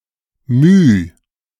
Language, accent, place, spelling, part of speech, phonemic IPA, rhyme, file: German, Germany, Berlin, My, noun, /myː/, -yː, De-My.ogg
- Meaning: mu (Greek letter)